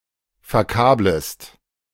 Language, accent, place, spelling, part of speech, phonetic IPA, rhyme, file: German, Germany, Berlin, verkablest, verb, [fɛɐ̯ˈkaːbləst], -aːbləst, De-verkablest.ogg
- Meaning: second-person singular subjunctive I of verkabeln